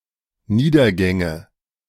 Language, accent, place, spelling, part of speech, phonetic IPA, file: German, Germany, Berlin, Niedergänge, noun, [ˈniːdɐˌɡɛŋə], De-Niedergänge.ogg
- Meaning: nominative/accusative/genitive plural of Niedergang